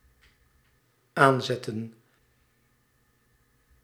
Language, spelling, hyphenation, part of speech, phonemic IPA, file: Dutch, aanzetten, aan‧zet‧ten, verb, /ˈaːnzɛtə(n)/, Nl-aanzetten.ogg
- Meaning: 1. to start, switch on 2. to urge, incite 3. to set 4. to stress 5. to put on to 6. to stick, catch 7. to intensify, to increase 8. to set (the table)